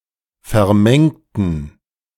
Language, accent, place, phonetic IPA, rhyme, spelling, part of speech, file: German, Germany, Berlin, [fɛɐ̯ˈmɛŋtn̩], -ɛŋtn̩, vermengten, adjective / verb, De-vermengten.ogg
- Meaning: inflection of vermengen: 1. first/third-person plural preterite 2. first/third-person plural subjunctive II